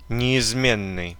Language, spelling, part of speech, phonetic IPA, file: Russian, неизменный, adjective, [nʲɪɪzˈmʲenːɨj], Ru-неизменный.ogg
- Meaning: 1. invariable, permanent, immutable 2. true, unfailing, devoted 3. customary